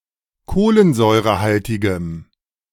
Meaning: strong dative masculine/neuter singular of kohlensäurehaltig
- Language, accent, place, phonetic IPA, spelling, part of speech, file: German, Germany, Berlin, [ˈkoːlənzɔɪ̯ʁəˌhaltɪɡəm], kohlensäurehaltigem, adjective, De-kohlensäurehaltigem.ogg